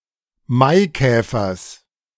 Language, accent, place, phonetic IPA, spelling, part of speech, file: German, Germany, Berlin, [ˈmaɪ̯ˌkɛːfɐs], Maikäfers, noun, De-Maikäfers.ogg
- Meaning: genitive singular of Maikäfer